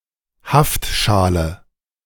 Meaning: contact lens
- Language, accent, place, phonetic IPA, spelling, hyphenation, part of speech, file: German, Germany, Berlin, [ˈhaftˌʃaːlə], Haftschale, Haft‧scha‧le, noun, De-Haftschale.ogg